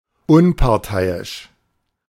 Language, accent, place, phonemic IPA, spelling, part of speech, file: German, Germany, Berlin, /ˈʊnpaʁˌtaɪ̯ɪʃ/, unparteiisch, adjective, De-unparteiisch.ogg
- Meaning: impartial, unbiased